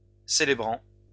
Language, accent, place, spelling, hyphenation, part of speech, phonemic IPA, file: French, France, Lyon, célébrant, cé‧lé‧brant, verb, /se.le.bʁɑ̃/, LL-Q150 (fra)-célébrant.wav
- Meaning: present participle of célébrer